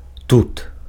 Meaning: here
- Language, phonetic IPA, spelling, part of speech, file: Belarusian, [tut], тут, adverb, Be-тут.ogg